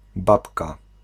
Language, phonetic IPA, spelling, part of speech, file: Polish, [ˈbapka], babka, noun, Pl-babka.ogg